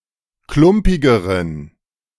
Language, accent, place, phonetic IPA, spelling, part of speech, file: German, Germany, Berlin, [ˈklʊmpɪɡəʁən], klumpigeren, adjective, De-klumpigeren.ogg
- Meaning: inflection of klumpig: 1. strong genitive masculine/neuter singular comparative degree 2. weak/mixed genitive/dative all-gender singular comparative degree